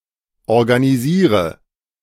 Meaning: inflection of organisieren: 1. first-person singular present 2. first/third-person singular subjunctive I 3. singular imperative
- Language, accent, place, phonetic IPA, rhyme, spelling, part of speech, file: German, Germany, Berlin, [ɔʁɡaniˈziːʁə], -iːʁə, organisiere, verb, De-organisiere.ogg